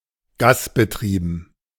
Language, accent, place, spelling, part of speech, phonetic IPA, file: German, Germany, Berlin, gasbetrieben, adjective, [ˈɡaːsbəˌtʁiːbn̩], De-gasbetrieben.ogg
- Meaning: gas-operated, gas-powered